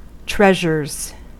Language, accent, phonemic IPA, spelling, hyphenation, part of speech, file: English, US, /ˈtɹɛʒɚz/, treasures, treas‧ures, noun / verb, En-us-treasures.ogg
- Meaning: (noun) plural of treasure; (verb) third-person singular simple present indicative of treasure